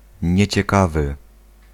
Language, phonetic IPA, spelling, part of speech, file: Polish, [ˌɲɛ̇t͡ɕɛˈkavɨ], nieciekawy, adjective, Pl-nieciekawy.ogg